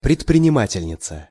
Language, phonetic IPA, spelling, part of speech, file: Russian, [prʲɪtprʲɪnʲɪˈmatʲɪlʲnʲɪt͡sə], предпринимательница, noun, Ru-предпринимательница.ogg
- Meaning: female equivalent of предпринима́тель (predprinimátelʹ): female industrialist, businessman, entrepreneur (person who organizes and operates a business and assumes the associated risk)